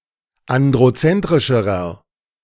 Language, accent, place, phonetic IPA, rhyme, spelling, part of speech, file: German, Germany, Berlin, [ˌandʁoˈt͡sɛntʁɪʃəʁɐ], -ɛntʁɪʃəʁɐ, androzentrischerer, adjective, De-androzentrischerer.ogg
- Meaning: inflection of androzentrisch: 1. strong/mixed nominative masculine singular comparative degree 2. strong genitive/dative feminine singular comparative degree